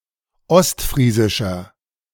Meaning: 1. comparative degree of ostfriesisch 2. inflection of ostfriesisch: strong/mixed nominative masculine singular 3. inflection of ostfriesisch: strong genitive/dative feminine singular
- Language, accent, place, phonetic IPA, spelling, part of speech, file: German, Germany, Berlin, [ˈɔstˌfʁiːzɪʃɐ], ostfriesischer, adjective, De-ostfriesischer.ogg